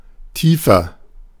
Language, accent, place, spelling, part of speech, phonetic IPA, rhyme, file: German, Germany, Berlin, tiefer, adjective, [ˈtiːfɐ], -iːfɐ, De-tiefer.ogg
- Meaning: 1. comparative degree of tief 2. inflection of tief: strong/mixed nominative masculine singular 3. inflection of tief: strong genitive/dative feminine singular